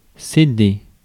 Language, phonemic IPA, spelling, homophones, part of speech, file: French, /se.de/, céder, CD, verb, Fr-céder.ogg
- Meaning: to yield